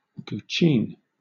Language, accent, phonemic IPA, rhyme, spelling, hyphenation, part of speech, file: English, Southern England, /ɡuːˈt͡ʃiːn/, -iːn, guqin, gu‧qin, noun, LL-Q1860 (eng)-guqin.wav
- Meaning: A plucked zither-like stringed instrument (chordophone), traditionally featuring seven unfretted strings, originating in ancient China